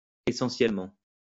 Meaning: essentially
- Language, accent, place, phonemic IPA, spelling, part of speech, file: French, France, Lyon, /e.sɑ̃.sjɛl.mɑ̃/, essentiellement, adverb, LL-Q150 (fra)-essentiellement.wav